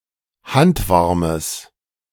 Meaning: strong/mixed nominative/accusative neuter singular of handwarm
- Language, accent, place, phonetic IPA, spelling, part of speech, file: German, Germany, Berlin, [ˈhantˌvaʁməs], handwarmes, adjective, De-handwarmes.ogg